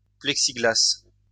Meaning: Plexiglas, plexiglass
- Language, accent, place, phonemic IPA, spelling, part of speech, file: French, France, Lyon, /plɛk.si.ɡlas/, plexiglas, noun, LL-Q150 (fra)-plexiglas.wav